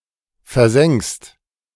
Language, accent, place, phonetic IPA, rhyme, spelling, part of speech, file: German, Germany, Berlin, [fɛɐ̯ˈzɛŋkst], -ɛŋkst, versenkst, verb, De-versenkst.ogg
- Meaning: second-person singular present of versenken